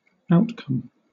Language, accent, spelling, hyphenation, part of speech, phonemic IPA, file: English, Southern England, outcome, out‧come, noun, /ˈaʊtkʌm/, LL-Q1860 (eng)-outcome.wav
- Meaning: 1. That which is produced or occurs as a result of an event or process 2. The result of a random trial. An element of a sample space